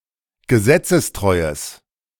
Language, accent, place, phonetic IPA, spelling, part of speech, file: German, Germany, Berlin, [ɡəˈzɛt͡səsˌtʁɔɪ̯əs], gesetzestreues, adjective, De-gesetzestreues.ogg
- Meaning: strong/mixed nominative/accusative neuter singular of gesetzestreu